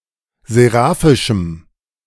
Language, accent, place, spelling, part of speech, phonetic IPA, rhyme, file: German, Germany, Berlin, seraphischem, adjective, [zeˈʁaːfɪʃm̩], -aːfɪʃm̩, De-seraphischem.ogg
- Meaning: strong dative masculine/neuter singular of seraphisch